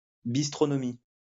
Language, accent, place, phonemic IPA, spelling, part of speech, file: French, France, Lyon, /bis.tʁɔ.nɔ.mi/, bistronomie, noun, LL-Q150 (fra)-bistronomie.wav
- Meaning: bistro-style gastronomy, characterised by good food in small portions